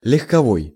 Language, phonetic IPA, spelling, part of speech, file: Russian, [lʲɪxkɐˈvoj], легковой, adjective, Ru-легковой.ogg
- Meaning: passenger (of a vehicle)